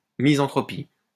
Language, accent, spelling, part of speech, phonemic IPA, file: French, France, misanthropie, noun, /mi.zɑ̃.tʁɔ.pi/, LL-Q150 (fra)-misanthropie.wav
- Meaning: misanthropy